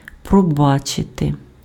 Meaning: to forgive
- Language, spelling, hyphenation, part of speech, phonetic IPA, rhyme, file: Ukrainian, пробачити, про‧ба‧чи‧ти, verb, [prɔˈbat͡ʃete], -at͡ʃete, Uk-пробачити.ogg